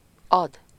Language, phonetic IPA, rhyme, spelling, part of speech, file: Hungarian, [ˈɒd], -ɒd, ad, verb, Hu-ad.ogg
- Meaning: to give or shift (something) to or near someone or somewhere